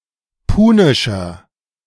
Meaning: inflection of punisch: 1. strong/mixed nominative masculine singular 2. strong genitive/dative feminine singular 3. strong genitive plural
- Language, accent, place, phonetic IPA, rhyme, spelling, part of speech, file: German, Germany, Berlin, [ˈpuːnɪʃɐ], -uːnɪʃɐ, punischer, adjective, De-punischer.ogg